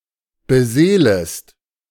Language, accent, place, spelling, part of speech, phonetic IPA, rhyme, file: German, Germany, Berlin, beseelest, verb, [bəˈzeːləst], -eːləst, De-beseelest.ogg
- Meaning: second-person singular subjunctive I of beseelen